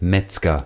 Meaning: butcher (male or of unspecified gender)
- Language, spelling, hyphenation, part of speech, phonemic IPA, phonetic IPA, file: German, Metzger, Metz‧ger, noun, /ˈmɛtsɡər/, [ˈmɛt͡s.ɡɐ], De-Metzger.ogg